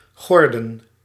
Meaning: to gird
- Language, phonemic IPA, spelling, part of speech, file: Dutch, /ˈɣɔrdə(n)/, gorden, verb, Nl-gorden.ogg